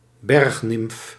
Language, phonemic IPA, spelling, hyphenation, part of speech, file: Dutch, /ˈbɛrx.nɪmf/, bergnimf, berg‧nimf, noun, Nl-bergnimf.ogg
- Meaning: mountain nymph, oread